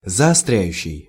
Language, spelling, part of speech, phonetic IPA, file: Russian, заостряющий, verb, [zɐɐˈstrʲæjʉɕːɪj], Ru-заостряющий.ogg
- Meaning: present active imperfective participle of заостря́ть (zaostrjátʹ)